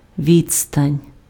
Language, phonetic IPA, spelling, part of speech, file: Ukrainian, [ˈʋʲid͡zstɐnʲ], відстань, noun, Uk-відстань.ogg
- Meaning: distance